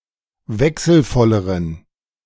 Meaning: inflection of wechselvoll: 1. strong genitive masculine/neuter singular comparative degree 2. weak/mixed genitive/dative all-gender singular comparative degree
- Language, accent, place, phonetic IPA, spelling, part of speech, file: German, Germany, Berlin, [ˈvɛksl̩ˌfɔləʁən], wechselvolleren, adjective, De-wechselvolleren.ogg